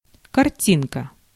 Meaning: diminutive of карти́на (kartína): a small picture, photograph or illustration; icon
- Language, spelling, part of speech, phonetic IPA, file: Russian, картинка, noun, [kɐrˈtʲinkə], Ru-картинка.ogg